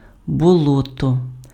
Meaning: swamp, marsh, bog
- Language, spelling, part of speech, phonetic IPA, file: Ukrainian, болото, noun, [bɔˈɫɔtɔ], Uk-болото.ogg